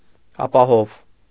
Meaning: safe
- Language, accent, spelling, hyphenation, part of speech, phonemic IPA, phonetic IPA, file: Armenian, Eastern Armenian, ապահով, ա‧պա‧հով, adjective, /ɑpɑˈhov/, [ɑpɑhóv], Hy-ապահով.ogg